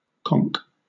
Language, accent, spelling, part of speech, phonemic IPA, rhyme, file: English, Southern England, conk, noun / verb, /kɒŋk/, -ɒŋk, LL-Q1860 (eng)-conk.wav
- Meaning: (noun) 1. The shelf- or bracket-shaped fruiting body of a bracket fungus (also called a shelf fungus), i.e. a mushroom growing off a tree trunk 2. A nose, especially a large one